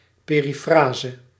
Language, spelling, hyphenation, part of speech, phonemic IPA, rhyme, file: Dutch, perifrase, pe‧ri‧fra‧se, noun, /ˌpeː.riˈfraː.zə/, -aːzə, Nl-perifrase.ogg
- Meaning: periphrasis, circumlocution